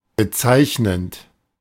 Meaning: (verb) present participle of bezeichnen; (adjective) characteristic, significant, typical, symptomatic
- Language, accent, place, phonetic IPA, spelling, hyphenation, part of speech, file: German, Germany, Berlin, [bəˈtsaɪ̯çnənt], bezeichnend, be‧zeich‧nend, verb / adjective, De-bezeichnend.ogg